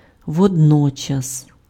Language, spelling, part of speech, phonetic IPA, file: Ukrainian, водночас, adverb, [wɔdˈnɔt͡ʃɐs], Uk-водночас.ogg
- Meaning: 1. simultaneously, at the same time 2. at the same time (on the other hand)